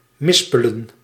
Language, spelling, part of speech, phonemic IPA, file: Dutch, mispelen, noun, /ˈmɪspələ(n)/, Nl-mispelen.ogg
- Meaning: plural of mispel